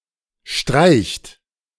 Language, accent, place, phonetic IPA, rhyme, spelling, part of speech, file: German, Germany, Berlin, [ʃtʁaɪ̯çt], -aɪ̯çt, streicht, verb, De-streicht.ogg
- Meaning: inflection of streichen: 1. third-person singular present 2. second-person plural present 3. plural imperative